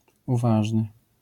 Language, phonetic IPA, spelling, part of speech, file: Polish, [uˈvaʒnɨ], uważny, adjective, LL-Q809 (pol)-uważny.wav